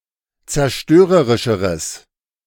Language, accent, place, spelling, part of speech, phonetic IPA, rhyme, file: German, Germany, Berlin, zerstörerischeres, adjective, [t͡sɛɐ̯ˈʃtøːʁəʁɪʃəʁəs], -øːʁəʁɪʃəʁəs, De-zerstörerischeres.ogg
- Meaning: strong/mixed nominative/accusative neuter singular comparative degree of zerstörerisch